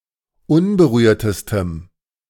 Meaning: strong dative masculine/neuter singular superlative degree of unberührt
- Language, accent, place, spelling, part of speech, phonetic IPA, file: German, Germany, Berlin, unberührtestem, adjective, [ˈʊnbəˌʁyːɐ̯təstəm], De-unberührtestem.ogg